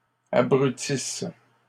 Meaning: second-person singular present/imperfect subjunctive of abrutir
- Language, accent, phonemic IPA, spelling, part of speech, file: French, Canada, /a.bʁy.tis/, abrutisses, verb, LL-Q150 (fra)-abrutisses.wav